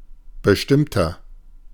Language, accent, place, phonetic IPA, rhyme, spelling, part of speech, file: German, Germany, Berlin, [bəˈʃtɪmtɐ], -ɪmtɐ, bestimmter, adjective, De-bestimmter.ogg
- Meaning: inflection of bestimmt: 1. strong/mixed nominative masculine singular 2. strong genitive/dative feminine singular 3. strong genitive plural